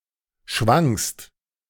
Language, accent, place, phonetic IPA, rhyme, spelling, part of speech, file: German, Germany, Berlin, [ʃvaŋst], -aŋst, schwangst, verb, De-schwangst.ogg
- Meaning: second-person singular preterite of schwingen